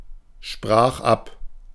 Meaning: first/third-person singular preterite of absprechen
- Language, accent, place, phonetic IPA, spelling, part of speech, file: German, Germany, Berlin, [ˌʃpʁaːx ˈap], sprach ab, verb, De-sprach ab.ogg